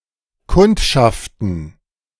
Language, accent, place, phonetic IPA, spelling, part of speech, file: German, Germany, Berlin, [ˈkʊntʃaftn̩], kundschaften, verb, De-kundschaften.ogg
- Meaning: to scout, reconnoiter (perform reconnaissance)